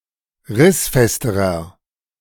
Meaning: inflection of rissfest: 1. strong/mixed nominative masculine singular comparative degree 2. strong genitive/dative feminine singular comparative degree 3. strong genitive plural comparative degree
- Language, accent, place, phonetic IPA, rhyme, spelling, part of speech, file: German, Germany, Berlin, [ˈʁɪsˌfɛstəʁɐ], -ɪsfɛstəʁɐ, rissfesterer, adjective, De-rissfesterer.ogg